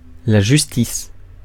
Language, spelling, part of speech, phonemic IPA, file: French, justice, noun, /ʒys.tis/, Fr-justice.ogg
- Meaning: justice